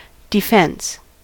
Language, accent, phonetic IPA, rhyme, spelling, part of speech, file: English, US, [dɪˈfɛns], -ɛns, defence, noun, En-us-defence.ogg